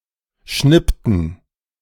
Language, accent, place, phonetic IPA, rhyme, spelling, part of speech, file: German, Germany, Berlin, [ˈʃnɪptn̩], -ɪptn̩, schnippten, verb, De-schnippten.ogg
- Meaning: inflection of schnippen: 1. first/third-person plural preterite 2. first/third-person plural subjunctive II